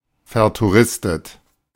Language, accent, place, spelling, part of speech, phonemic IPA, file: German, Germany, Berlin, vertouristet, adjective, /ˌfɛɐ̯tuˈʁɪstət/, De-vertouristet.ogg
- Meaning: touristy